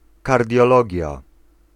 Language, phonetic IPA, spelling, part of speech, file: Polish, [ˌkardʲjɔˈlɔɟja], kardiologia, noun, Pl-kardiologia.ogg